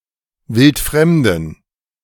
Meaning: inflection of wildfremd: 1. strong genitive masculine/neuter singular 2. weak/mixed genitive/dative all-gender singular 3. strong/weak/mixed accusative masculine singular 4. strong dative plural
- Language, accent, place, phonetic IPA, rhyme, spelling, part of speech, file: German, Germany, Berlin, [ˈvɪltˈfʁɛmdn̩], -ɛmdn̩, wildfremden, adjective, De-wildfremden.ogg